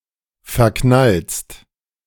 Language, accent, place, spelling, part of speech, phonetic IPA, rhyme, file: German, Germany, Berlin, verknallst, verb, [fɛɐ̯ˈknalst], -alst, De-verknallst.ogg
- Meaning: second-person singular present of verknallen